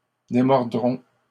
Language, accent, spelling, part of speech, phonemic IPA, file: French, Canada, démordrons, verb, /de.mɔʁ.dʁɔ̃/, LL-Q150 (fra)-démordrons.wav
- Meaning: first-person plural simple future of démordre